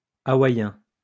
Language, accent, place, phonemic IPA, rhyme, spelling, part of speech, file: French, France, Lyon, /a.wa.jɛ̃/, -ɛ̃, hawaïen, adjective / noun, LL-Q150 (fra)-hawaïen.wav
- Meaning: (adjective) Hawaiian; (noun) Hawaiian, the Hawaiian language